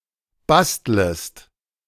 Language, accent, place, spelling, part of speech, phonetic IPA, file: German, Germany, Berlin, bastlest, verb, [ˈbastləst], De-bastlest.ogg
- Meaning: second-person singular subjunctive I of basteln